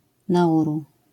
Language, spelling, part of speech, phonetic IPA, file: Polish, Nauru, proper noun, [naˈʷuru], LL-Q809 (pol)-Nauru.wav